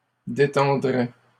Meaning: third-person plural conditional of détendre
- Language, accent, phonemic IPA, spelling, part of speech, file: French, Canada, /de.tɑ̃.dʁɛ/, détendraient, verb, LL-Q150 (fra)-détendraient.wav